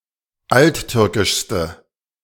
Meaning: inflection of alttürkisch: 1. strong/mixed nominative/accusative feminine singular superlative degree 2. strong nominative/accusative plural superlative degree
- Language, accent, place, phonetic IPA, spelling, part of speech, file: German, Germany, Berlin, [ˈaltˌtʏʁkɪʃstə], alttürkischste, adjective, De-alttürkischste.ogg